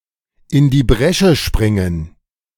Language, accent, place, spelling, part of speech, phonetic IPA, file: German, Germany, Berlin, in die Bresche springen, phrase, [ɪn diː ˈbʁɛʃə ˈʃpʁɪŋən], De-in die Bresche springen.ogg
- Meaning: to step into the breach